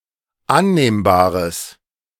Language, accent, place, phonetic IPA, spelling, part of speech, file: German, Germany, Berlin, [ˈanneːmbaːʁəs], annehmbares, adjective, De-annehmbares.ogg
- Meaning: strong/mixed nominative/accusative neuter singular of annehmbar